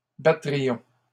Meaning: first-person plural conditional of battre
- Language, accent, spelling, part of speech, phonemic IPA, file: French, Canada, battrions, verb, /ba.tʁi.jɔ̃/, LL-Q150 (fra)-battrions.wav